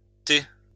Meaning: plural of thé
- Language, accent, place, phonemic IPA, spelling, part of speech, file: French, France, Lyon, /te/, thés, noun, LL-Q150 (fra)-thés.wav